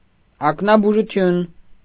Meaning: ophthalmology
- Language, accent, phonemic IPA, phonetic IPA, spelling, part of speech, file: Armenian, Eastern Armenian, /ɑknɑbuʒuˈtʰjun/, [ɑknɑbuʒut͡sʰjún], ակնաբուժություն, noun, Hy-ակնաբուժություն.ogg